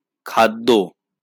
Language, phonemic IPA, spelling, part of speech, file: Bengali, /kʰad̪ːɔ/, খাদ্য, noun, LL-Q9610 (ben)-খাদ্য.wav
- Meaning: food